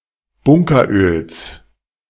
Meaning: genitive singular of Bunkeröl
- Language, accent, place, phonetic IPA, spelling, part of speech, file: German, Germany, Berlin, [ˈbʊŋkɐˌʔøːls], Bunkeröls, noun, De-Bunkeröls.ogg